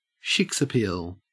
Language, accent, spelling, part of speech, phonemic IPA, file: English, Australia, shiksappeal, noun, /ʃɪks.əˈpɪəl/, En-au-shiksappeal.ogg
- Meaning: The sex appeal of a non-Jewish female (a shiksa) to a Jewish male